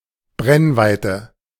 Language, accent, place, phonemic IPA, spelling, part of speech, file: German, Germany, Berlin, /ˈbʁɛnˌvaɪtə/, Brennweite, noun, De-Brennweite.ogg
- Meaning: focal length (distance)